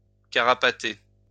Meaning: 1. to run, to make haste 2. to run away
- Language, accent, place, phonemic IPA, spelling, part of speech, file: French, France, Lyon, /ka.ʁa.pa.te/, carapater, verb, LL-Q150 (fra)-carapater.wav